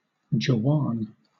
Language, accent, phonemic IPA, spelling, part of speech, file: English, Southern England, /d͡ʒəˈwɑːn/, jawan, noun, LL-Q1860 (eng)-jawan.wav
- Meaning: 1. An infantryman; a soldier 2. plural of jinn